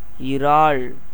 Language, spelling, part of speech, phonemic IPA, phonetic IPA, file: Tamil, இறால், noun, /ɪrɑːl/, [ɪräːl], Ta-இறால்.ogg
- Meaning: 1. prawn; shrimp 2. Taurus, bull 3. honeycomb; beehive